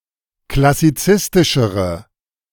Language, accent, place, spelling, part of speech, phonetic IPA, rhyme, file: German, Germany, Berlin, klassizistischere, adjective, [klasiˈt͡sɪstɪʃəʁə], -ɪstɪʃəʁə, De-klassizistischere.ogg
- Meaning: inflection of klassizistisch: 1. strong/mixed nominative/accusative feminine singular comparative degree 2. strong nominative/accusative plural comparative degree